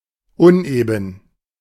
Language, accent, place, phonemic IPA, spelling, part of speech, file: German, Germany, Berlin, /ˈʊnʔeːbn̩/, uneben, adjective, De-uneben.ogg
- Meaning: uneven, rough, bumpy